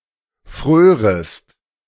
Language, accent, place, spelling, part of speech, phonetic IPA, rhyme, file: German, Germany, Berlin, frörest, verb, [ˈfʁøːʁəst], -øːʁəst, De-frörest.ogg
- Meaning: second-person singular subjunctive II of frieren